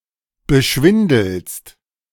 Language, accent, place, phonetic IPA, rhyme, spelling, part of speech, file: German, Germany, Berlin, [bəˈʃvɪndl̩st], -ɪndl̩st, beschwindelst, verb, De-beschwindelst.ogg
- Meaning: second-person singular present of beschwindeln